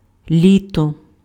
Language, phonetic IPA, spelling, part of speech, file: Ukrainian, [ˈlʲitɔ], літо, noun, Uk-літо.ogg
- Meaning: 1. summer 2. year